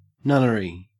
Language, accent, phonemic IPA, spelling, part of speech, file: English, Australia, /ˈnʌn(ə)ɹi/, nunnery, noun, En-au-nunnery.ogg
- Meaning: Any convent (religious community) or the buildings thereof